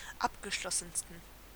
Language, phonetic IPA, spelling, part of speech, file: German, [ˈapɡəˌʃlɔsn̩stən], abgeschlossensten, adjective, De-abgeschlossensten.ogg
- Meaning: 1. superlative degree of abgeschlossen 2. inflection of abgeschlossen: strong genitive masculine/neuter singular superlative degree